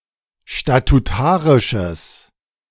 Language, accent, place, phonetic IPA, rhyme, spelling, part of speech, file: German, Germany, Berlin, [ʃtatuˈtaːʁɪʃəs], -aːʁɪʃəs, statutarisches, adjective, De-statutarisches.ogg
- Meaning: strong/mixed nominative/accusative neuter singular of statutarisch